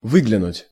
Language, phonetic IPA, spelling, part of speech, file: Russian, [ˈvɨɡlʲɪnʊtʲ], выглянуть, verb, Ru-выглянуть.ogg
- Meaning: 1. to look out, to peep out 2. to appear, to emerge, to come into view